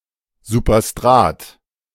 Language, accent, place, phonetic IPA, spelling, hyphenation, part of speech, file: German, Germany, Berlin, [zupɐˈstʁaːt], Superstrat, Su‧per‧strat, noun, De-Superstrat.ogg
- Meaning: superstrate